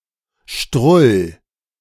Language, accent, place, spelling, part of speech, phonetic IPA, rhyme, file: German, Germany, Berlin, strull, verb, [ʃtʁʊl], -ʊl, De-strull.ogg
- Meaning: 1. singular imperative of strullen 2. first-person singular present of strullen